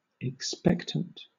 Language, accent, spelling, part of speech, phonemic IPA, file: English, Southern England, expectant, adjective / noun, /ɪkˈspɛktənt/, LL-Q1860 (eng)-expectant.wav
- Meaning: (adjective) 1. Marked by expectation 2. Pregnant 3. Awaiting the effects of nature, with little active treatment